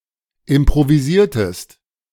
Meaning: inflection of improvisieren: 1. second-person singular preterite 2. second-person singular subjunctive II
- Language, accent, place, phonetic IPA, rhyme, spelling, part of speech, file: German, Germany, Berlin, [ɪmpʁoviˈziːɐ̯təst], -iːɐ̯təst, improvisiertest, verb, De-improvisiertest.ogg